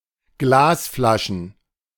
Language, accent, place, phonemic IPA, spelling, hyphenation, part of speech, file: German, Germany, Berlin, /ˈɡlaːsˌflaʃn̩/, Glasflaschen, Glas‧fla‧schen, noun, De-Glasflaschen.ogg
- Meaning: plural of Glasflasche